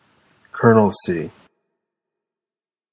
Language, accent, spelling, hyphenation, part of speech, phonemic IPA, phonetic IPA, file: English, General American, colonelcy, colo‧nel‧cy, noun, /ˈkɜɹnəlsi/, [ˈkʰɚnl̩si], En-us-colonelcy.flac
- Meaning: The rank or office of a colonel